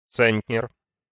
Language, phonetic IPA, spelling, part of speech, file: Russian, [ˈt͡sɛnʲtʲnʲɪr], центнер, noun, Ru-центнер.ogg
- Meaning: centner, quintal (100 kilograms)